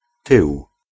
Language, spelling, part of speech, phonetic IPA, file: Polish, tył, noun, [tɨw], Pl-tył.ogg